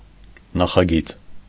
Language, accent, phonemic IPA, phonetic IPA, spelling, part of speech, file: Armenian, Eastern Armenian, /nɑχɑˈɡit͡s/, [nɑχɑɡít͡s], նախագիծ, noun, Hy-նախագիծ.ogg
- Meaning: 1. plan, design, blueprint 2. project, plan